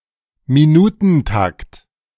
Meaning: minute interval
- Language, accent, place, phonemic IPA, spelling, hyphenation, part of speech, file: German, Germany, Berlin, /miˈnuːtn̩ˌtakt/, Minutentakt, Mi‧nu‧ten‧takt, noun, De-Minutentakt.ogg